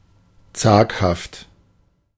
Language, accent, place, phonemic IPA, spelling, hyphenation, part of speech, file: German, Germany, Berlin, /ˈt͡saːkhaft/, zaghaft, zag‧haft, adjective, De-zaghaft.ogg
- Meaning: timid, cautious